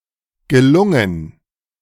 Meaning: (verb) past participle of gelingen; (adjective) 1. successful, well done 2. odd, strange in a funny way
- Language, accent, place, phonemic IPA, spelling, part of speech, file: German, Germany, Berlin, /ɡəˈlʊŋən/, gelungen, verb / adjective, De-gelungen.ogg